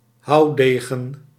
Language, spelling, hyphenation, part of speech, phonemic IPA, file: Dutch, houwdegen, houw‧de‧gen, noun, /ˈɦɑu̯ˌdeː.ɣə(n)/, Nl-houwdegen.ogg
- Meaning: 1. backsword (early modern sabre) 2. swashbuckler, basher (eager but sometimes reckless fighter, violent person)